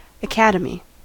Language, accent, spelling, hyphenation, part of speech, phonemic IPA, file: English, US, academy, acad‧e‧my, noun, /əˈkæd.ə.mi/, En-us-academy.ogg
- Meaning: 1. An institution for the study of higher learning; a college or a university; typically a private school 2. A school or place of training in which some special art is taught